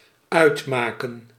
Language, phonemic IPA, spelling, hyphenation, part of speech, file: Dutch, /ˈœy̯tˌmaː.kə(n)/, uitmaken, uit‧ma‧ken, verb, Nl-uitmaken.ogg
- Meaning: 1. to matter (only in third-person singular) 2. to decide, determine 3. to make up, to constitute 4. to insultingly qualify 5. to break up a relationship